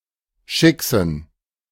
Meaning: plural of Schickse
- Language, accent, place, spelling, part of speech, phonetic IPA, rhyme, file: German, Germany, Berlin, Schicksen, noun, [ˈʃɪksn̩], -ɪksn̩, De-Schicksen.ogg